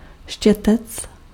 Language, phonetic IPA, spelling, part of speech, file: Czech, [ˈʃcɛtɛt͡s], štětec, noun, Cs-štětec.ogg
- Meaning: brush